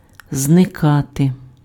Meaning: to disappear, to vanish
- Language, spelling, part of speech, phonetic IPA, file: Ukrainian, зникати, verb, [zneˈkate], Uk-зникати.ogg